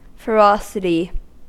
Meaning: The condition of being ferocious
- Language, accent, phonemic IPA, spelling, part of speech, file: English, US, /fəˈɹɑsɪti/, ferocity, noun, En-us-ferocity.ogg